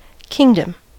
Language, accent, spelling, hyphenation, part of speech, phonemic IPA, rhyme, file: English, General American, kingdom, king‧dom, noun, /ˈkɪŋdəm/, -ɪŋdəm, En-us-kingdom.ogg
- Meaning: 1. A realm having a king or queen as its actual or nominal sovereign 2. A realm, region, or conceptual space where something is dominant